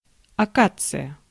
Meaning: acacia (shrub or tree)
- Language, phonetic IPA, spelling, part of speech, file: Russian, [ɐˈkat͡sɨjə], акация, noun, Ru-акация.ogg